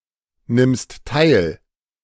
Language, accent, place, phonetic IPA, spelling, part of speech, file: German, Germany, Berlin, [ˌnɪmst ˈtaɪ̯l], nimmst teil, verb, De-nimmst teil.ogg
- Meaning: second-person singular present of teilnehmen